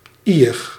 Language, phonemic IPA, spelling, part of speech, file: Dutch, /ɪnˈidərɣəˌvɑl/, iig, adverb, Nl-iig.ogg